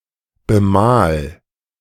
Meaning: 1. singular imperative of bemalen 2. first-person singular present of bemalen
- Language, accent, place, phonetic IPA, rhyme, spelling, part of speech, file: German, Germany, Berlin, [bəˈmaːl], -aːl, bemal, verb, De-bemal.ogg